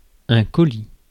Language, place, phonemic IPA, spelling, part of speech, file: French, Paris, /kɔ.li/, colis, noun, Fr-colis.ogg
- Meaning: 1. parcel, package 2. baggage, luggage